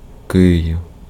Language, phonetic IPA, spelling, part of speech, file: Ukrainian, [ˈkɪjiu̯], Київ, proper noun, Uk-Київ.ogg
- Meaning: Kyiv (the capital city of Ukraine)